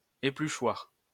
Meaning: peeler, potato peeler
- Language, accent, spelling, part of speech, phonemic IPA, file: French, France, épluchoir, noun, /e.ply.ʃwaʁ/, LL-Q150 (fra)-épluchoir.wav